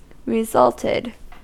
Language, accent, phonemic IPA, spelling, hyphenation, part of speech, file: English, US, /ɹɪˈzʌltɪd/, resulted, re‧sult‧ed, verb, En-us-resulted.ogg
- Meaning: simple past and past participle of result